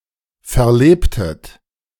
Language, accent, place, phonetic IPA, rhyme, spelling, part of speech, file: German, Germany, Berlin, [fɛɐ̯ˈleːptət], -eːptət, verlebtet, verb, De-verlebtet.ogg
- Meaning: inflection of verleben: 1. second-person plural preterite 2. second-person plural subjunctive II